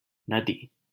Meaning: river
- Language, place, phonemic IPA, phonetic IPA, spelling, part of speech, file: Hindi, Delhi, /nə.d̪iː/, [nɐ.d̪iː], नदी, noun, LL-Q1568 (hin)-नदी.wav